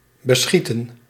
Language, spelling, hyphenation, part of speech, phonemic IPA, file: Dutch, beschieten, be‧schie‧ten, verb, /bəˈsxitə(n)/, Nl-beschieten.ogg
- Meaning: 1. to shoot at, to fire at 2. to cover with planks 3. to cover, to stretch out (over) 4. to make progress with; to benefit or thrive from; to suffice 5. to nap, to doze